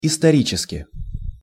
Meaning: historically (in a historic manner)
- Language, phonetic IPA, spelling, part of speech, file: Russian, [ɪstɐˈrʲit͡ɕɪskʲɪ], исторически, adverb, Ru-исторически.ogg